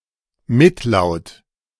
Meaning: consonant
- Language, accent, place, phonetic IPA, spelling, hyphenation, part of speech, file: German, Germany, Berlin, [ˈmɪtˌlaʊ̯t], Mitlaut, Mit‧laut, noun, De-Mitlaut.ogg